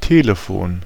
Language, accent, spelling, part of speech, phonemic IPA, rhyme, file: German, Germany, Telefon, noun, /ˈtɛləˌfoːn/, -oːn, De-Telefon.ogg
- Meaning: telephone